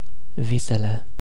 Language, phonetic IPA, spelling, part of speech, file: Romanian, [ˈvi.se.le], visele, noun, Ro-visele.ogg
- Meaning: definite nominative/accusative plural of vis